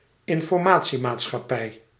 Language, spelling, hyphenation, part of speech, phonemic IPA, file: Dutch, informatiemaatschappij, in‧for‧ma‧tie‧maat‧schap‧pij, noun, /ɪn.fɔrˈmaː.(t)si.maːt.sxɑˌpɛi̯/, Nl-informatiemaatschappij.ogg
- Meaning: information society